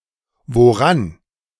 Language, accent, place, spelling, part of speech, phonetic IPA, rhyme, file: German, Germany, Berlin, woran, adverb, [voˈʁan], -an, De-woran.ogg
- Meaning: on what, at what